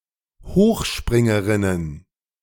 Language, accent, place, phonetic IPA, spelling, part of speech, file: German, Germany, Berlin, [ˈhoːxˌʃpʁɪŋəʁɪnən], Hochspringerinnen, noun, De-Hochspringerinnen.ogg
- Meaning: plural of Hochspringerin